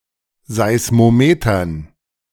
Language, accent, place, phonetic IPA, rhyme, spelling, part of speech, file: German, Germany, Berlin, [ˌzaɪ̯smoˈmeːtɐn], -eːtɐn, Seismometern, noun, De-Seismometern.ogg
- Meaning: dative plural of Seismometer